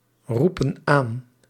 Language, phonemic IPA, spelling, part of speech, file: Dutch, /ˈrupə(n) ˈan/, roepen aan, verb, Nl-roepen aan.ogg
- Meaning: inflection of aanroepen: 1. plural present indicative 2. plural present subjunctive